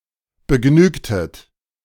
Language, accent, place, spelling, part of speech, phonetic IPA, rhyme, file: German, Germany, Berlin, begnügtet, verb, [bəˈɡnyːktət], -yːktət, De-begnügtet.ogg
- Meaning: inflection of begnügen: 1. second-person plural preterite 2. second-person plural subjunctive II